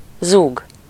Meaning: 1. to rumble, buzz, hum 2. to shout, to say something in a frightening, loud voice
- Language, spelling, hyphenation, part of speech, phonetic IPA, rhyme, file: Hungarian, zúg, zúg, verb, [ˈzuːɡ], -uːɡ, Hu-zúg.ogg